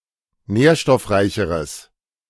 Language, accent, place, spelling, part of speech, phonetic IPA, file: German, Germany, Berlin, nährstoffreicheres, adjective, [ˈnɛːɐ̯ʃtɔfˌʁaɪ̯çəʁəs], De-nährstoffreicheres.ogg
- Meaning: strong/mixed nominative/accusative neuter singular comparative degree of nährstoffreich